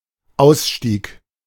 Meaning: exit (disembarkation)
- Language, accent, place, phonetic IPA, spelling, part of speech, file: German, Germany, Berlin, [ˈaʊ̯sˌʃtiːk], Ausstieg, noun, De-Ausstieg.ogg